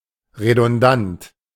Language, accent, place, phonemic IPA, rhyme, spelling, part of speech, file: German, Germany, Berlin, /ʁedʊnˈdant/, -ant, redundant, adjective, De-redundant.ogg
- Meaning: redundant